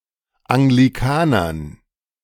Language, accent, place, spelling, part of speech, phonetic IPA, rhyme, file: German, Germany, Berlin, Anglikanern, noun, [aŋɡliˈkaːnɐn], -aːnɐn, De-Anglikanern.ogg
- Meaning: dative plural of Anglikaner